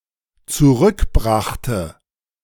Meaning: first/third-person singular dependent preterite of zurückbringen
- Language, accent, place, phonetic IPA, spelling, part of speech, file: German, Germany, Berlin, [t͡suˈʁʏkˌbʁaxtə], zurückbrachte, verb, De-zurückbrachte.ogg